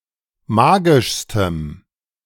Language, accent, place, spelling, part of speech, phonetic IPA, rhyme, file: German, Germany, Berlin, magischstem, adjective, [ˈmaːɡɪʃstəm], -aːɡɪʃstəm, De-magischstem.ogg
- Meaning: strong dative masculine/neuter singular superlative degree of magisch